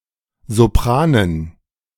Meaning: dative plural of Sopran
- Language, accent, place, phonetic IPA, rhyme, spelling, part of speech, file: German, Germany, Berlin, [zoˈpʁaːnən], -aːnən, Sopranen, noun, De-Sopranen.ogg